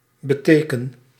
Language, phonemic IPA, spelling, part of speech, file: Dutch, /bə.ˈteː.kən/, beteken, verb, Nl-beteken.ogg
- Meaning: inflection of betekenen: 1. first-person singular present indicative 2. second-person singular present indicative 3. imperative